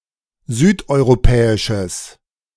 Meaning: strong/mixed nominative/accusative neuter singular of südeuropäisch
- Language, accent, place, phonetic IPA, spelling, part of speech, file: German, Germany, Berlin, [ˈzyːtʔɔɪ̯ʁoˌpɛːɪʃəs], südeuropäisches, adjective, De-südeuropäisches.ogg